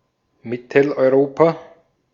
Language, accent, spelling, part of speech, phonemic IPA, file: German, Austria, Mitteleuropa, proper noun, /ˈmɪtl̩ʔɔɪ̯ˈʁoːpa/, De-at-Mitteleuropa.ogg
- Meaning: Central Europe (a geographic region in the center of Europe, usually including Austria, Switzerland, the Czech Republic, Hungary, Poland, Slovakia, Slovenia, Croatia and Germany)